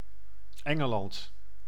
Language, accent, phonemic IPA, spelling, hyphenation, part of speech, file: Dutch, Netherlands, /ˈɛ.ŋəˌlɑnt/, Engeland, En‧ge‧land, proper noun, Nl-Engeland.ogg
- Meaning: 1. England (a constituent country of the United Kingdom) 2. Great Britain (a large island of the United Kingdom in Northern Europe) 3. United Kingdom (a kingdom and country in Northern Europe)